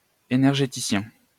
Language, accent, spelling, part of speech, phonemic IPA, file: French, France, énergéticien, noun, /e.nɛʁ.ʒe.ti.sjɛ̃/, LL-Q150 (fra)-énergéticien.wav
- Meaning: energy company